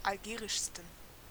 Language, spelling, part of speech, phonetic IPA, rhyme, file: German, algerischsten, adjective, [alˈɡeːʁɪʃstn̩], -eːʁɪʃstn̩, De-algerischsten.ogg
- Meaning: 1. superlative degree of algerisch 2. inflection of algerisch: strong genitive masculine/neuter singular superlative degree